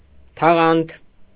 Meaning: film, membrane
- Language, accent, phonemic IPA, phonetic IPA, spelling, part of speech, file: Armenian, Eastern Armenian, /tʰɑˈʁɑntʰ/, [tʰɑʁɑ́ntʰ], թաղանթ, noun, Hy-թաղանթ.ogg